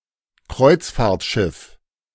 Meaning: cruise ship
- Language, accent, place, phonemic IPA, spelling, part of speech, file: German, Germany, Berlin, /ˈkʁɔɪ̯tsfaːɐ̯tʃɪf/, Kreuzfahrtschiff, noun, De-Kreuzfahrtschiff.ogg